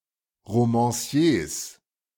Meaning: plural of Romancier
- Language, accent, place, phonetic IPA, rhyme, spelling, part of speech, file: German, Germany, Berlin, [ʁomɑ̃ˈsi̯eːs], -eːs, Romanciers, noun, De-Romanciers.ogg